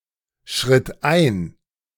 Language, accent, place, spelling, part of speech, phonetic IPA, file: German, Germany, Berlin, schritt ein, verb, [ˌʃʁɪt ˈaɪ̯n], De-schritt ein.ogg
- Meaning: first/third-person singular preterite of einschreiten